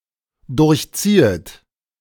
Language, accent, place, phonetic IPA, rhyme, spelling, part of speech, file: German, Germany, Berlin, [ˌdʊʁçˈt͡siːət], -iːət, durchziehet, verb, De-durchziehet.ogg
- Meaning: second-person plural dependent subjunctive I of durchziehen